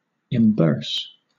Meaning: 1. To put into a purse; to save, to store up 2. To give money to, to pay; to stock or supply with money 3. To pay back money that is owed; to refund, to repay, to reimburse
- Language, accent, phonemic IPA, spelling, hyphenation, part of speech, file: English, Southern England, /ɪmˈbəːs/, imburse, im‧burse, verb, LL-Q1860 (eng)-imburse.wav